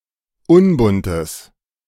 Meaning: strong/mixed nominative/accusative neuter singular of unbunt
- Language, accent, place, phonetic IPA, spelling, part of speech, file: German, Germany, Berlin, [ˈʊnbʊntəs], unbuntes, adjective, De-unbuntes.ogg